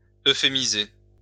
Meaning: to euphemize
- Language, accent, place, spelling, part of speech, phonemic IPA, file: French, France, Lyon, euphémiser, verb, /ø.fe.mi.ze/, LL-Q150 (fra)-euphémiser.wav